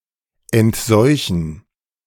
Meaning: to decontaminate
- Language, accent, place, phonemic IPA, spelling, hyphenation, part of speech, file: German, Germany, Berlin, /ɛntˈzɔɪ̯çn̩/, entseuchen, ent‧seu‧chen, verb, De-entseuchen.ogg